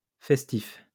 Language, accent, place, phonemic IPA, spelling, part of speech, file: French, France, Lyon, /fɛs.tif/, festif, adjective, LL-Q150 (fra)-festif.wav
- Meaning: festive